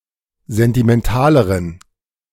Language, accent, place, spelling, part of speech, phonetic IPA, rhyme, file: German, Germany, Berlin, sentimentaleren, adjective, [ˌzɛntimɛnˈtaːləʁən], -aːləʁən, De-sentimentaleren.ogg
- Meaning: inflection of sentimental: 1. strong genitive masculine/neuter singular comparative degree 2. weak/mixed genitive/dative all-gender singular comparative degree